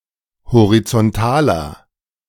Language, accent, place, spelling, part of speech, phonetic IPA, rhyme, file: German, Germany, Berlin, horizontaler, adjective, [hoʁit͡sɔnˈtaːlɐ], -aːlɐ, De-horizontaler.ogg
- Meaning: inflection of horizontal: 1. strong/mixed nominative masculine singular 2. strong genitive/dative feminine singular 3. strong genitive plural